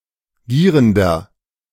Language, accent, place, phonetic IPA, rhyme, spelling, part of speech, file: German, Germany, Berlin, [ˈɡiːʁəndɐ], -iːʁəndɐ, gierender, adjective, De-gierender.ogg
- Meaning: inflection of gierend: 1. strong/mixed nominative masculine singular 2. strong genitive/dative feminine singular 3. strong genitive plural